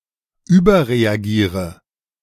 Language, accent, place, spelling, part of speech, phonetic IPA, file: German, Germany, Berlin, überreagiere, verb, [ˈyːbɐʁeaˌɡiːʁə], De-überreagiere.ogg
- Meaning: inflection of überreagieren: 1. first-person singular present 2. first/third-person singular subjunctive I 3. singular imperative